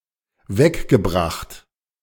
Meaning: past participle of wegbringen
- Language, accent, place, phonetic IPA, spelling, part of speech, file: German, Germany, Berlin, [ˈvɛkɡəˌbʁaxt], weggebracht, verb, De-weggebracht.ogg